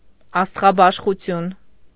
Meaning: 1. stellar astronomy 2. astrology 3. astronomy
- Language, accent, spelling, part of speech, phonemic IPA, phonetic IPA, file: Armenian, Eastern Armenian, աստղաբաշխություն, noun, /ɑstʁɑbɑʃχuˈtʰjun/, [ɑstʁɑbɑʃχut͡sʰjún], Hy-աստղաբաշխություն.ogg